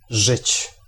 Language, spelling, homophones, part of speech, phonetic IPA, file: Polish, żyć, rzyć, verb, [ʒɨt͡ɕ], Pl-żyć.ogg